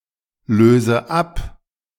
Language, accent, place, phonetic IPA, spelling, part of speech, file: German, Germany, Berlin, [ˌløːzə ˈap], löse ab, verb, De-löse ab.ogg
- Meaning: inflection of ablösen: 1. first-person singular present 2. first/third-person singular subjunctive I 3. singular imperative